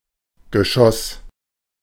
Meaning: 1. projectile 2. storey, floor 3. a kind of tax paid by landowners or cities for protection by their sovereign
- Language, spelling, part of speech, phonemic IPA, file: German, Geschoss, noun, /ɡəˈʃɔs/, De-Geschoss.ogg